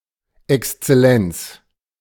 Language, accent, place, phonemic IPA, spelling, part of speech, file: German, Germany, Berlin, /ɛkstsɛˈlɛnts/, Exzellenz, noun, De-Exzellenz.ogg
- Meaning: Excellency (form of address for certain high officials or dignitaries)